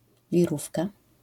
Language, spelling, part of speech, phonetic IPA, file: Polish, wirówka, noun, [vʲiˈrufka], LL-Q809 (pol)-wirówka.wav